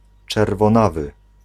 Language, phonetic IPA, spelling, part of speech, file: Polish, [ˌt͡ʃɛrvɔ̃ˈnavɨ], czerwonawy, adjective, Pl-czerwonawy.ogg